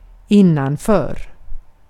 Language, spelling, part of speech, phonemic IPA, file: Swedish, innanför, preposition, /²ɪnːanˌføːr/, Sv-innanför.ogg
- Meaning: on the inner side of (and often more or less adjacent to); inside, within, behind